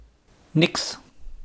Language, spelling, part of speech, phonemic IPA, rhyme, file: German, nix, pronoun / interjection, /nɪks/, -ɪks, De-nix.wav
- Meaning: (pronoun) alternative form of nichts (“nothing”); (interjection) no way!